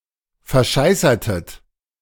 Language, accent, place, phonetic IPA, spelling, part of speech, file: German, Germany, Berlin, [fɛɐ̯ˈʃaɪ̯sɐtət], verscheißertet, verb, De-verscheißertet.ogg
- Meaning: inflection of verscheißern: 1. second-person plural preterite 2. second-person plural subjunctive II